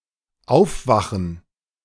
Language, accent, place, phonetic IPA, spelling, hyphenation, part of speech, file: German, Germany, Berlin, [ˈʔaʊfˌvaxən], aufwachen, auf‧wa‧chen, verb, De-aufwachen2.ogg
- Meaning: to awake, to wake up